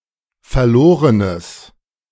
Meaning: strong/mixed nominative/accusative neuter singular of verloren
- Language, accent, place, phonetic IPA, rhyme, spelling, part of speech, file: German, Germany, Berlin, [fɛɐ̯ˈloːʁənəs], -oːʁənəs, verlorenes, adjective, De-verlorenes.ogg